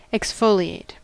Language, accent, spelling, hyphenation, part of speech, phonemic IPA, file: English, US, exfoliate, ex‧fo‧li‧ate, verb, /ɛksˈfoʊlieɪt/, En-us-exfoliate.ogg
- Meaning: 1. To remove the leaves from a plant 2. To remove a layer of dead skin cells, as in cosmetic preparation